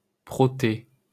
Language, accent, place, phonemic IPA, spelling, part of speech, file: French, France, Paris, /pʁɔ.te/, Protée, proper noun, LL-Q150 (fra)-Protée.wav
- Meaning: 1. Proteus (moon of Neptune) 2. Proteus